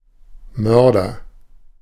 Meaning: murderer, assassin, assassinator, killer, slayer (male or of unspecified gender)
- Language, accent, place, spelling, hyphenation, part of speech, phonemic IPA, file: German, Germany, Berlin, Mörder, Mör‧der, noun, /ˈmœʁdɐ/, De-Mörder.ogg